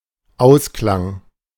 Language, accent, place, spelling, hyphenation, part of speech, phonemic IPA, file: German, Germany, Berlin, Ausklang, Aus‧klang, noun, /ˈaʊ̯sklaŋ/, De-Ausklang.ogg
- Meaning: end, conclusion